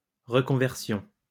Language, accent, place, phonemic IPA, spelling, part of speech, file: French, France, Lyon, /ʁə.kɔ̃.vɛʁ.sjɔ̃/, reconversion, noun, LL-Q150 (fra)-reconversion.wav
- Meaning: 1. reconversion, conversion 2. career change